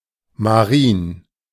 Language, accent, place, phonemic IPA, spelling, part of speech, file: German, Germany, Berlin, /maˈʁiːn/, marin, adjective, De-marin.ogg
- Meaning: marine